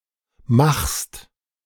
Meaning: second-person singular present of machen
- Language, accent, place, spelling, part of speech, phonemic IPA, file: German, Germany, Berlin, machst, verb, /maxst/, De-machst.ogg